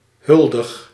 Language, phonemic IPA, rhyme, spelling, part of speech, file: Dutch, /ˈɦʏl.dəx/, -ʏldəx, huldig, verb, Nl-huldig.ogg
- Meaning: inflection of huldigen: 1. first-person singular present indicative 2. second-person singular present indicative 3. imperative